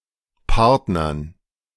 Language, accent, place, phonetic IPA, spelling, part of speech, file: German, Germany, Berlin, [ˈpaʁtnɐn], Partnern, noun, De-Partnern.ogg
- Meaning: dative plural of Partner